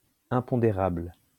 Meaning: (adjective) 1. imponderable 2. intangible; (noun) unforeseen event, unpredictable event
- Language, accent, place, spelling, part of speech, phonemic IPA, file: French, France, Lyon, impondérable, adjective / noun, /ɛ̃.pɔ̃.de.ʁabl/, LL-Q150 (fra)-impondérable.wav